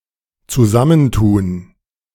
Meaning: 1. to combine 2. to join forces, to team up
- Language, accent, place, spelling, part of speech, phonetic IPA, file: German, Germany, Berlin, zusammentun, verb, [t͡suˈzamənˌtuːn], De-zusammentun.ogg